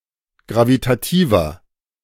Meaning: inflection of gravitativ: 1. strong/mixed nominative masculine singular 2. strong genitive/dative feminine singular 3. strong genitive plural
- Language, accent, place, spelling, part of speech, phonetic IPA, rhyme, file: German, Germany, Berlin, gravitativer, adjective, [ˌɡʁavitaˈtiːvɐ], -iːvɐ, De-gravitativer.ogg